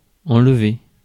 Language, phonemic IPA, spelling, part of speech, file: French, /ɑ̃l.ve/, enlever, verb, Fr-enlever.ogg
- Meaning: 1. to remove, take off, take away, clear 2. to take off, remove (clothes) 3. to kidnap, abduct 4. to win, capture, carry off 5. to come out, wash off